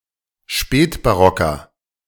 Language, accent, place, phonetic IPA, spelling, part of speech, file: German, Germany, Berlin, [ˈʃpɛːtbaˌʁɔkɐ], spätbarocker, adjective, De-spätbarocker.ogg
- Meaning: inflection of spätbarock: 1. strong/mixed nominative masculine singular 2. strong genitive/dative feminine singular 3. strong genitive plural